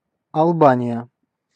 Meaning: Albania (a country in Southeastern Europe; official name: Респу́блика Алба́ния (Respúblika Albánija))
- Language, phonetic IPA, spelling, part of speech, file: Russian, [ɐɫˈbanʲɪjə], Албания, proper noun, Ru-Албания.ogg